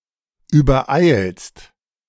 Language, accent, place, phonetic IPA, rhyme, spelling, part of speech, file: German, Germany, Berlin, [yːbɐˈʔaɪ̯lst], -aɪ̯lst, übereilst, verb, De-übereilst.ogg
- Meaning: second-person singular present of übereilen